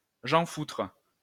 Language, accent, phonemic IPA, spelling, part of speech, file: French, France, /ʒɑ̃.futʁ/, jean-foutre, noun, LL-Q150 (fra)-jean-foutre.wav
- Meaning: good-for-nothing, layabout, blackguard